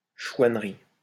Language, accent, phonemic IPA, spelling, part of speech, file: French, France, /ʃwan.ʁi/, chouannerie, noun, LL-Q150 (fra)-chouannerie.wav
- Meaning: counterrevolution